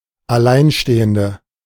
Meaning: 1. female equivalent of Alleinstehender: single woman 2. inflection of Alleinstehender: strong nominative/accusative plural 3. inflection of Alleinstehender: weak nominative singular
- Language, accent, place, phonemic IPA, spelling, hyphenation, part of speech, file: German, Germany, Berlin, /aˈlaɪ̯nˌʃteːəndə/, Alleinstehende, Al‧lein‧ste‧hen‧de, noun, De-Alleinstehende.ogg